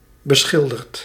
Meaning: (adjective) painted; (verb) past participle of beschilderen
- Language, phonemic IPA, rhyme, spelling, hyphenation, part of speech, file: Dutch, /bəˈsxɪl.dərt/, -ɪldərt, beschilderd, be‧schil‧derd, adjective / verb, Nl-beschilderd.ogg